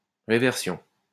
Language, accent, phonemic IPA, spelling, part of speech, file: French, France, /ʁe.vɛʁ.sjɔ̃/, réversion, noun, LL-Q150 (fra)-réversion.wav
- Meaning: reversion